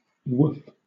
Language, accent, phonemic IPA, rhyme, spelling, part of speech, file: English, Southern England, /wʊf/, -ʊf, woof, interjection / noun / verb, LL-Q1860 (eng)-woof.wav
- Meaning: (interjection) 1. Used to indicate the sound of a dog barking, or something resembling it 2. Used to express strong physical attraction for someone; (noun) The sound a dog makes when barking; a bark